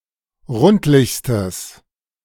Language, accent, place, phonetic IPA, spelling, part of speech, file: German, Germany, Berlin, [ˈʁʊntlɪçstəs], rundlichstes, adjective, De-rundlichstes.ogg
- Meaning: strong/mixed nominative/accusative neuter singular superlative degree of rundlich